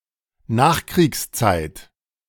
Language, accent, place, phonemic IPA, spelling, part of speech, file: German, Germany, Berlin, /ˈnaːxˌkʁiːksˌtsaɪ̯t/, Nachkriegszeit, noun, De-Nachkriegszeit.ogg
- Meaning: postwar period (time following some war)